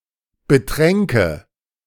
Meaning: first/third-person singular subjunctive II of betrinken
- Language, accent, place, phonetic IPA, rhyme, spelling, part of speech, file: German, Germany, Berlin, [bəˈtʁɛŋkə], -ɛŋkə, betränke, verb, De-betränke.ogg